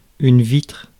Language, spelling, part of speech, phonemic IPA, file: French, vitre, noun / verb, /vitʁ/, Fr-vitre.ogg
- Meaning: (noun) 1. pane of glass, window pane 2. window (of a vehicle) 3. glass (substance); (verb) inflection of vitrer: first/third-person singular present indicative/subjunctive